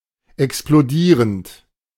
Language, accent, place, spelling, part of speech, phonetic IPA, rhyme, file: German, Germany, Berlin, explodierend, verb, [ɛksploˈdiːʁənt], -iːʁənt, De-explodierend.ogg
- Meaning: present participle of explodieren